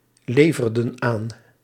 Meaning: inflection of aanleveren: 1. plural past indicative 2. plural past subjunctive
- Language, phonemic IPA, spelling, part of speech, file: Dutch, /ˈlevərdə(n) ˈan/, leverden aan, verb, Nl-leverden aan.ogg